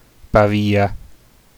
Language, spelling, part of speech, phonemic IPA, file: Italian, Pavia, proper noun, /ˈpavja/, It-Pavia.ogg